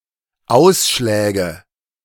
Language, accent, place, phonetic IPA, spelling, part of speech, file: German, Germany, Berlin, [ˈaʊ̯sʃlɛːɡə], Ausschläge, noun, De-Ausschläge.ogg
- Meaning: nominative/accusative/genitive plural of Ausschlag